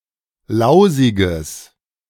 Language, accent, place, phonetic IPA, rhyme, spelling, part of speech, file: German, Germany, Berlin, [ˈlaʊ̯zɪɡəs], -aʊ̯zɪɡəs, lausiges, adjective, De-lausiges.ogg
- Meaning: strong/mixed nominative/accusative neuter singular of lausig